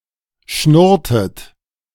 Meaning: inflection of schnurren: 1. second-person plural preterite 2. second-person plural subjunctive II
- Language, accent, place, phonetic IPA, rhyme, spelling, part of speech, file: German, Germany, Berlin, [ˈʃnʊʁtət], -ʊʁtət, schnurrtet, verb, De-schnurrtet.ogg